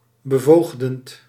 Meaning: paternalizing, paternalist
- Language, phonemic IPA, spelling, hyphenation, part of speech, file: Dutch, /bəˈvoːx.dənt/, bevoogdend, be‧voog‧dend, adjective, Nl-bevoogdend.ogg